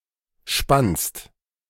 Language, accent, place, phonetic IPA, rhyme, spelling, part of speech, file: German, Germany, Berlin, [ʃpanst], -anst, spannst, verb, De-spannst.ogg
- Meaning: second-person singular preterite of spinnen